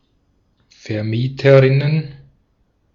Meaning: plural of Vermieterin
- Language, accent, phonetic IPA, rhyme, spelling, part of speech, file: German, Austria, [fɛɐ̯ˈmiːtəʁɪnən], -iːtəʁɪnən, Vermieterinnen, noun, De-at-Vermieterinnen.ogg